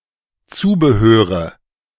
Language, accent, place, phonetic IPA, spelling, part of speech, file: German, Germany, Berlin, [ˈt͡suːbəˌhøːʁə], Zubehöre, noun, De-Zubehöre.ogg
- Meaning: nominative/accusative/genitive plural of Zubehör